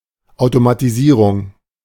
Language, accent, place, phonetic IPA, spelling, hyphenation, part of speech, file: German, Germany, Berlin, [aʊ̯tomatiˈziːʁʊŋ], Automatisierung, Au‧to‧ma‧ti‧sie‧rung, noun, De-Automatisierung.ogg
- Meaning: automation